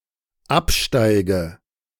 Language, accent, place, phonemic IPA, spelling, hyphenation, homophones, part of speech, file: German, Germany, Berlin, /ˈapˌʃtaɪ̯ɡə/, absteige, ab‧stei‧ge, Absteige, verb, De-absteige.ogg
- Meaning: inflection of absteigen: 1. first-person singular dependent present 2. first/third-person singular dependent subjunctive I